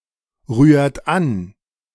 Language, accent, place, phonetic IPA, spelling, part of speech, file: German, Germany, Berlin, [ˌʁyːɐ̯t ˈan], rührt an, verb, De-rührt an.ogg
- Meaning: inflection of anrühren: 1. second-person plural present 2. third-person singular present 3. plural imperative